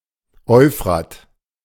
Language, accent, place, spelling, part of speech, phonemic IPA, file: German, Germany, Berlin, Euphrat, proper noun, /ˈɔʏ̯fʁa(ː)t/, De-Euphrat.ogg
- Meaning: Euphrates (a river in Iraq, Syria and Turkey in Mesopotamia)